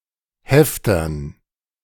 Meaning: dative plural of Hefter
- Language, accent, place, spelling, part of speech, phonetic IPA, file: German, Germany, Berlin, Heftern, noun, [ˈhɛftɐn], De-Heftern.ogg